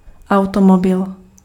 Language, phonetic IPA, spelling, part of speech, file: Czech, [ˈau̯tomobɪl], automobil, noun, Cs-automobil.ogg
- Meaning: automobile